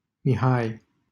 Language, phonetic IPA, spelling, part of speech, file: Romanian, [miˈhaj], Mihai, proper noun, LL-Q7913 (ron)-Mihai.wav
- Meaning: a male given name comparable to Michael